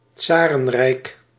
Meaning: czardom, czarist empire
- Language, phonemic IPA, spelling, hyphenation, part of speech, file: Dutch, /ˈtsaː.rə(n)ˌrɛi̯k/, tsarenrijk, tsa‧ren‧rijk, noun, Nl-tsarenrijk.ogg